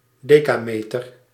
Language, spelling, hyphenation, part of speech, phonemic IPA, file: Dutch, decameter, de‧ca‧me‧ter, noun, /ˈdeː.kaːˌmeː.tər/, Nl-decameter.ogg
- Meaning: a decametre, 10 metres